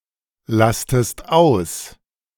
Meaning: inflection of auslasten: 1. second-person singular present 2. second-person singular subjunctive I
- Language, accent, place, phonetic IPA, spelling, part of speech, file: German, Germany, Berlin, [ˌlastəst ˈaʊ̯s], lastest aus, verb, De-lastest aus.ogg